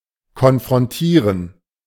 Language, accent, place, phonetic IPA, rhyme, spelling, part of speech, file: German, Germany, Berlin, [kɔnfʁɔnˈtiːʁən], -iːʁən, konfrontieren, verb, De-konfrontieren.ogg
- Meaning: to confront